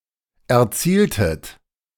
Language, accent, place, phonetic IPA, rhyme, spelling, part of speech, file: German, Germany, Berlin, [ɛɐ̯ˈt͡siːltət], -iːltət, erzieltet, verb, De-erzieltet.ogg
- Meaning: inflection of erzielen: 1. second-person plural preterite 2. second-person plural subjunctive II